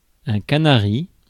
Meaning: 1. canary (bird from Canary Islands) 2. a large container used in certain parts of Africa
- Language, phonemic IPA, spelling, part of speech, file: French, /ka.na.ʁi/, canari, noun, Fr-canari.ogg